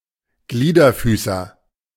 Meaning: arthropod
- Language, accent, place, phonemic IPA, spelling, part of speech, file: German, Germany, Berlin, /ˈɡliːdɐˌfyːsɐ/, Gliederfüßer, noun, De-Gliederfüßer.ogg